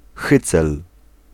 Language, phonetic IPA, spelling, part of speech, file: Polish, [ˈxɨt͡sɛl], hycel, noun, Pl-hycel.ogg